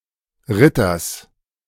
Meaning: genitive singular of Ritter
- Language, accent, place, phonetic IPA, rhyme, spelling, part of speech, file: German, Germany, Berlin, [ˈʁɪtɐs], -ɪtɐs, Ritters, noun, De-Ritters.ogg